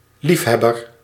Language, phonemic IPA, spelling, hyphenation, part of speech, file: Dutch, /ˈlifˌɦɛ.bər/, liefhebber, lief‧heb‧ber, noun, Nl-liefhebber.ogg
- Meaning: 1. fan, enthusiast 2. amateur, dilettante 3. a lover, one who loves someone or something